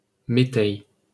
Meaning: maslin (mixture of cereals)
- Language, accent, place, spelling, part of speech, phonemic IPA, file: French, France, Paris, méteil, noun, /me.tɛj/, LL-Q150 (fra)-méteil.wav